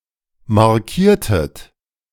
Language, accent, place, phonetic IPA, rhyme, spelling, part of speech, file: German, Germany, Berlin, [maʁˈkiːɐ̯tət], -iːɐ̯tət, markiertet, verb, De-markiertet.ogg
- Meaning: inflection of markieren: 1. second-person plural preterite 2. second-person plural subjunctive II